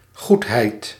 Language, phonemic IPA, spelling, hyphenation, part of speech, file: Dutch, /ˈɣuthɛit/, goedheid, goed‧heid, noun, Nl-goedheid.ogg
- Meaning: goodness